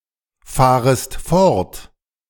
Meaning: second-person singular subjunctive I of fortfahren
- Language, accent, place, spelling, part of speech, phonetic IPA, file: German, Germany, Berlin, fahrest fort, verb, [ˌfaːʁəst ˈfɔʁt], De-fahrest fort.ogg